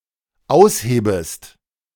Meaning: second-person singular dependent subjunctive I of ausheben
- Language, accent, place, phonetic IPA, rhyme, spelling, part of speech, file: German, Germany, Berlin, [ˈaʊ̯sˌheːbəst], -aʊ̯sheːbəst, aushebest, verb, De-aushebest.ogg